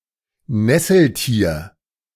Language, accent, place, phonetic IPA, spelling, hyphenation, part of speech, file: German, Germany, Berlin, [ˈnɛsl̩ˌtiːɐ̯], Nesseltier, Nes‧sel‧tier, noun, De-Nesseltier.ogg
- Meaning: cnidarian (any of various invertebrate animals, such as jellyfish, hydras, sea anemones and corals)